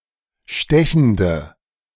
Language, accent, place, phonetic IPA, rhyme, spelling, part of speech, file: German, Germany, Berlin, [ˈʃtɛçn̩də], -ɛçn̩də, stechende, adjective, De-stechende.ogg
- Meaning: inflection of stechend: 1. strong/mixed nominative/accusative feminine singular 2. strong nominative/accusative plural 3. weak nominative all-gender singular